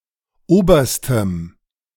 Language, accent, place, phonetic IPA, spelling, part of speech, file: German, Germany, Berlin, [ˈoːbɐstəm], oberstem, adjective, De-oberstem.ogg
- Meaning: strong dative masculine/neuter singular superlative degree of oberer